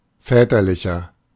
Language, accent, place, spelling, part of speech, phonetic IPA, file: German, Germany, Berlin, väterlicher, adjective, [ˈfɛːtɐlɪçɐ], De-väterlicher.ogg
- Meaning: inflection of väterlich: 1. strong/mixed nominative masculine singular 2. strong genitive/dative feminine singular 3. strong genitive plural